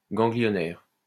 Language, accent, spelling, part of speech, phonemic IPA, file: French, France, ganglionnaire, adjective, /ɡɑ̃.ɡli.jɔ.nɛʁ/, LL-Q150 (fra)-ganglionnaire.wav
- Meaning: ganglial